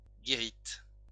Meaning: 1. sentry-box 2. worker's hut
- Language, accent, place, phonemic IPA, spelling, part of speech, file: French, France, Lyon, /ɡe.ʁit/, guérite, noun, LL-Q150 (fra)-guérite.wav